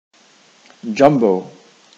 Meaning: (adjective) Especially large or powerful; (noun) 1. An especially large or powerful person, animal, or thing 2. An elephant 3. A platform-mounted machine for drilling rock
- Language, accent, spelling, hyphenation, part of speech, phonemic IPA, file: English, General American, jumbo, jum‧bo, adjective / noun, /ˈd͡ʒʌmboʊ/, En-us-jumbo.ogg